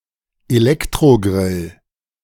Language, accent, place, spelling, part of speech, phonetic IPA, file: German, Germany, Berlin, Elektrogrill, noun, [eˈlɛktʁoˌɡʁɪl], De-Elektrogrill.ogg
- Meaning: electric grill